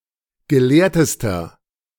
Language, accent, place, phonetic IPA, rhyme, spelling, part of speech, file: German, Germany, Berlin, [ɡəˈleːɐ̯təstɐ], -eːɐ̯təstɐ, gelehrtester, adjective, De-gelehrtester.ogg
- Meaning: inflection of gelehrt: 1. strong/mixed nominative masculine singular superlative degree 2. strong genitive/dative feminine singular superlative degree 3. strong genitive plural superlative degree